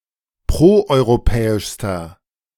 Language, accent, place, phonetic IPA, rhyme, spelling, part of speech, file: German, Germany, Berlin, [ˌpʁoʔɔɪ̯ʁoˈpɛːɪʃstɐ], -ɛːɪʃstɐ, proeuropäischster, adjective, De-proeuropäischster.ogg
- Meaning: inflection of proeuropäisch: 1. strong/mixed nominative masculine singular superlative degree 2. strong genitive/dative feminine singular superlative degree